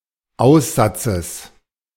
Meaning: genitive singular of Aussatz
- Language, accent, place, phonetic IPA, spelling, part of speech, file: German, Germany, Berlin, [ˈaʊ̯sˌzat͡səs], Aussatzes, noun, De-Aussatzes.ogg